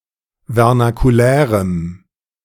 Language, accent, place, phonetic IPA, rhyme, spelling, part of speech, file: German, Germany, Berlin, [vɛʁnakuˈlɛːʁəm], -ɛːʁəm, vernakulärem, adjective, De-vernakulärem.ogg
- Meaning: strong dative masculine/neuter singular of vernakulär